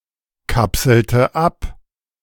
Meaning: inflection of abkapseln: 1. first/third-person singular preterite 2. first/third-person singular subjunctive II
- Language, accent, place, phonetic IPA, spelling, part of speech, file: German, Germany, Berlin, [ˌkapsl̩tə ˈap], kapselte ab, verb, De-kapselte ab.ogg